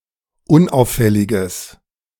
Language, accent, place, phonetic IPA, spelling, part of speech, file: German, Germany, Berlin, [ˈʊnˌʔaʊ̯fɛlɪɡəs], unauffälliges, adjective, De-unauffälliges.ogg
- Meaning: strong/mixed nominative/accusative neuter singular of unauffällig